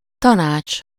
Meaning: 1. advice, counsel 2. council
- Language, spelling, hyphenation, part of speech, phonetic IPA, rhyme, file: Hungarian, tanács, ta‧nács, noun, [ˈtɒnaːt͡ʃ], -aːt͡ʃ, Hu-tanács.ogg